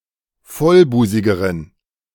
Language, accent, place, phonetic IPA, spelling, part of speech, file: German, Germany, Berlin, [ˈfɔlˌbuːzɪɡəʁən], vollbusigeren, adjective, De-vollbusigeren.ogg
- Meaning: inflection of vollbusig: 1. strong genitive masculine/neuter singular comparative degree 2. weak/mixed genitive/dative all-gender singular comparative degree